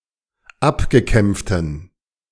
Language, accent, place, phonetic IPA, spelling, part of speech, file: German, Germany, Berlin, [ˈapɡəˌkɛmp͡ftn̩], abgekämpften, adjective, De-abgekämpften.ogg
- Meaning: inflection of abgekämpft: 1. strong genitive masculine/neuter singular 2. weak/mixed genitive/dative all-gender singular 3. strong/weak/mixed accusative masculine singular 4. strong dative plural